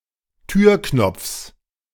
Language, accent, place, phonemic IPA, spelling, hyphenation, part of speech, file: German, Germany, Berlin, /ˈtyːɐ̯ˌknɔp͡fs/, Türknopfs, Tür‧knopfs, noun, De-Türknopfs.ogg
- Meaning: genitive singular of Türknopf